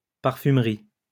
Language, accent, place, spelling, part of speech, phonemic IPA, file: French, France, Lyon, parfumerie, noun, /paʁ.fym.ʁi/, LL-Q150 (fra)-parfumerie.wav
- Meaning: 1. perfumery (shop selling perfumes) 2. perfumery (perfume products) 3. perfume industry; the art of perfume